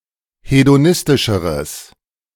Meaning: strong/mixed nominative/accusative neuter singular comparative degree of hedonistisch
- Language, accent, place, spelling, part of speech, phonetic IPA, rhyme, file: German, Germany, Berlin, hedonistischeres, adjective, [hedoˈnɪstɪʃəʁəs], -ɪstɪʃəʁəs, De-hedonistischeres.ogg